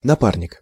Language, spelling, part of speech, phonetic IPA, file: Russian, напарник, noun, [nɐˈparnʲɪk], Ru-напарник.ogg
- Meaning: partner, mate, associate (person united with another or others in an act, enterprise, or business; a partner or colleague; friend, buddy)